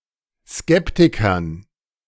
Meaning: dative plural of Skeptiker
- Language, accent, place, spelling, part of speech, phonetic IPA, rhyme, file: German, Germany, Berlin, Skeptikern, noun, [ˈskɛptɪkɐn], -ɛptɪkɐn, De-Skeptikern.ogg